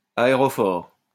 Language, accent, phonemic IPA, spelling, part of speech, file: French, France, /a.e.ʁɔ.fɔʁ/, aérophore, noun, LL-Q150 (fra)-aérophore.wav
- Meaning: aerophore